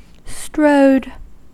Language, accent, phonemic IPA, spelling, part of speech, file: English, General American, /stɹoʊd/, strode, verb, En-us-strode.ogg
- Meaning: 1. simple past of stride 2. past participle of stride